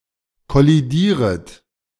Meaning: second-person plural subjunctive I of kollidieren
- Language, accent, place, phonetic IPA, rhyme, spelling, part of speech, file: German, Germany, Berlin, [kɔliˈdiːʁət], -iːʁət, kollidieret, verb, De-kollidieret.ogg